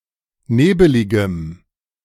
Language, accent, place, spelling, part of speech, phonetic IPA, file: German, Germany, Berlin, nebeligem, adjective, [ˈneːbəlɪɡəm], De-nebeligem.ogg
- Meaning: strong dative masculine/neuter singular of nebelig